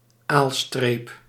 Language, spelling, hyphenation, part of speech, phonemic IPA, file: Dutch, aalstreep, aal‧streep, noun, /ˈaːl.streːp/, Nl-aalstreep.ogg
- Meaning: a dark line along the length of the back of an animal, in particular an ungulate